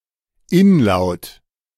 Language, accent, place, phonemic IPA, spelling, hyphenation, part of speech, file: German, Germany, Berlin, /ˈɪnˌlaʊ̯t/, Inlaut, In‧laut, noun, De-Inlaut.ogg
- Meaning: inlaut, the position of a sound in the middle of a word